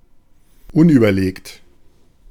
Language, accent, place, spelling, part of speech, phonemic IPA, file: German, Germany, Berlin, unüberlegt, adjective / adverb, /ˈʊnʔyːbɐˌleːkt/, De-unüberlegt.ogg
- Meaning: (adjective) rash, not thought-through, ill-considered; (adverb) rashly